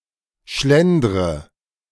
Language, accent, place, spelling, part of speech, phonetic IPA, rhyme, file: German, Germany, Berlin, schlendre, verb, [ˈʃlɛndʁə], -ɛndʁə, De-schlendre.ogg
- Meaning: inflection of schlendern: 1. first-person singular present 2. first/third-person singular subjunctive I 3. singular imperative